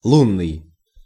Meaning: 1. moon; lunar 2. moonlit
- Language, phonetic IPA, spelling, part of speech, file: Russian, [ˈɫunːɨj], лунный, adjective, Ru-лунный.ogg